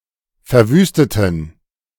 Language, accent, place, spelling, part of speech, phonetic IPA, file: German, Germany, Berlin, verwüsteten, adjective / verb, [fɛɐ̯ˈvyːstətn̩], De-verwüsteten.ogg
- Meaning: inflection of verwüsten: 1. first/third-person plural preterite 2. first/third-person plural subjunctive II